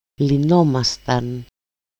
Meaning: first-person plural imperfect passive indicative of λύνω (lýno)
- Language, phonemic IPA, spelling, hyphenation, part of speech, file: Greek, /liˈnomastan/, λυνόμασταν, λυ‧νό‧μα‧σταν, verb, El-λυνόμασταν.ogg